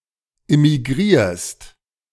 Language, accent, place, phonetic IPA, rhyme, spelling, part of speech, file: German, Germany, Berlin, [ɪmiˈɡʁiːɐ̯st], -iːɐ̯st, immigrierst, verb, De-immigrierst.ogg
- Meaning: second-person singular present of immigrieren